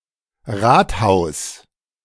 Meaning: city hall, town hall (city council meeting house)
- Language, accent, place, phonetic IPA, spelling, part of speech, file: German, Germany, Berlin, [ˈʁaːthaʊ̯s], Rathaus, noun, De-Rathaus.ogg